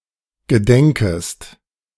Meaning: second-person singular subjunctive I of gedenken
- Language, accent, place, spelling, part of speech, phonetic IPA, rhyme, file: German, Germany, Berlin, gedenkest, verb, [ɡəˈdɛŋkəst], -ɛŋkəst, De-gedenkest.ogg